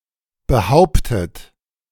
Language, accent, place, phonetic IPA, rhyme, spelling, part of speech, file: German, Germany, Berlin, [bəˈhaʊ̯ptət], -aʊ̯ptət, behauptet, verb, De-behauptet.ogg
- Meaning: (verb) past participle of behaupten; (adjective) asserted, alleged